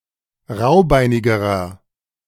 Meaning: inflection of raubeinig: 1. strong/mixed nominative masculine singular comparative degree 2. strong genitive/dative feminine singular comparative degree 3. strong genitive plural comparative degree
- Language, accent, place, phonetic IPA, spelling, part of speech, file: German, Germany, Berlin, [ˈʁaʊ̯ˌbaɪ̯nɪɡəʁɐ], raubeinigerer, adjective, De-raubeinigerer.ogg